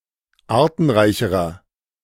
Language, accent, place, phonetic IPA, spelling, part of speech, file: German, Germany, Berlin, [ˈaːɐ̯tn̩ˌʁaɪ̯çəʁɐ], artenreicherer, adjective, De-artenreicherer.ogg
- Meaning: inflection of artenreich: 1. strong/mixed nominative masculine singular comparative degree 2. strong genitive/dative feminine singular comparative degree 3. strong genitive plural comparative degree